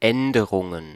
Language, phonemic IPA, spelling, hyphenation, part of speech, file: German, /ˈ.ɛndəʁʊŋən/, Änderungen, Än‧de‧run‧gen, noun, De-Änderungen.ogg
- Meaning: plural of Änderung